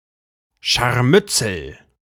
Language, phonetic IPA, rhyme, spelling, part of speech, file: German, [ˌʃaʁˈmʏt͡sl̩], -ʏt͡sl̩, Scharmützel, noun, De-Scharmützel.ogg